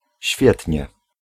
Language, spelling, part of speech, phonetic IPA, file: Polish, świetnie, adverb, [ˈɕfʲjɛtʲɲɛ], Pl-świetnie.ogg